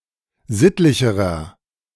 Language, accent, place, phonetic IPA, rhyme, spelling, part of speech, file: German, Germany, Berlin, [ˈzɪtlɪçəʁɐ], -ɪtlɪçəʁɐ, sittlicherer, adjective, De-sittlicherer.ogg
- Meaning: inflection of sittlich: 1. strong/mixed nominative masculine singular comparative degree 2. strong genitive/dative feminine singular comparative degree 3. strong genitive plural comparative degree